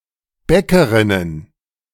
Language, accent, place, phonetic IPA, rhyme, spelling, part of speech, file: German, Germany, Berlin, [ˈbɛkəˌʁɪnən], -ɛkəʁɪnən, Bäckerinnen, noun, De-Bäckerinnen.ogg
- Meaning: plural of Bäckerin